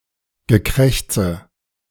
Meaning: croaking, cawing
- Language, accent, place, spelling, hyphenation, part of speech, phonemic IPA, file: German, Germany, Berlin, Gekrächze, Ge‧kräch‧ze, noun, /ɡəˈkʁɛçt͡sə/, De-Gekrächze.ogg